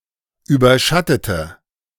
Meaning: inflection of überschatten: 1. first/third-person singular preterite 2. first/third-person singular subjunctive II
- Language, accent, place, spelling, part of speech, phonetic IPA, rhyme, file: German, Germany, Berlin, überschattete, adjective / verb, [ˌyːbɐˈʃatətə], -atətə, De-überschattete.ogg